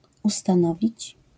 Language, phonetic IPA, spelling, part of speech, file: Polish, [ˌustãˈnɔvʲit͡ɕ], ustanowić, verb, LL-Q809 (pol)-ustanowić.wav